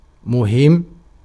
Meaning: important
- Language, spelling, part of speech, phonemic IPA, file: Arabic, مهم, adjective, /mu.himm/, Ar-مهم.ogg